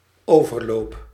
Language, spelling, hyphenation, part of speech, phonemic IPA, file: Dutch, overloop, over‧loop, noun / verb, /ˈoː.vərˌloːp/, Nl-overloop.ogg
- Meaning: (noun) 1. transition 2. a landing, corridor between rooms on the upper floor of a house 3. overflow, outlet for excess matter 4. spillover, excess matter that has overflowed